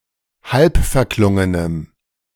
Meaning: strong dative masculine/neuter singular of halbverklungen
- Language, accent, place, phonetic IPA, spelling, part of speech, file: German, Germany, Berlin, [ˈhalpfɛɐ̯ˌklʊŋənəm], halbverklungenem, adjective, De-halbverklungenem.ogg